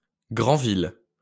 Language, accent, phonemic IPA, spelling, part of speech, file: French, France, /ɡʁɑ̃.vil/, Granville, proper noun, LL-Q150 (fra)-Granville.wav
- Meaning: a small town and commune of Manche department, Normandy, France